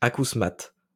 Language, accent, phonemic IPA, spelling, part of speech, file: French, France, /a.kus.mat/, acousmate, adjective, LL-Q150 (fra)-acousmate.wav
- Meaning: synonym of acousmatique